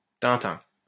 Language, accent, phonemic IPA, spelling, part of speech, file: French, France, /tɛ̃.tɛ̃/, tintin, interjection, LL-Q150 (fra)-tintin.wav
- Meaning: nothing doing